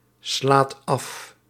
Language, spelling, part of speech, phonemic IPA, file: Dutch, slaat af, verb, /ˈslat ˈɑf/, Nl-slaat af.ogg
- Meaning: inflection of afslaan: 1. second/third-person singular present indicative 2. plural imperative